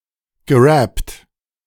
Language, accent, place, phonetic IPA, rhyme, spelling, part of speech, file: German, Germany, Berlin, [ɡəˈʁɛpt], -ɛpt, gerappt, verb, De-gerappt.ogg
- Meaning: past participle of rappen